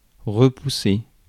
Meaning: 1. to push back, push out of the way 2. to repel, drive back, repulse 3. to ward off, turn away 4. to turn down, dismiss, reject, rule out 5. to push back (into place)
- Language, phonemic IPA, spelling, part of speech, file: French, /ʁə.pu.se/, repousser, verb, Fr-repousser.ogg